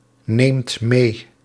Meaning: inflection of meenemen: 1. second/third-person singular present indicative 2. plural imperative
- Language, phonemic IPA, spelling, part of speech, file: Dutch, /ˈnemt ˈme/, neemt mee, verb, Nl-neemt mee.ogg